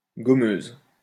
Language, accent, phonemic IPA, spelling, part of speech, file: French, France, /ɡɔ.møz/, gommeuse, adjective, LL-Q150 (fra)-gommeuse.wav
- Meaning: feminine singular of gommeux